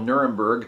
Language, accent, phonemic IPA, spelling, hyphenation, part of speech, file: English, US, /ˈn(j)ʊɹəmbɚɡ/, Nuremberg, Nu‧rem‧berg, proper noun, En-us-Nuremberg.ogg
- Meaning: 1. A major city in Bavaria, Germany 2. The trial of Nazi criminals that took place there, after World War II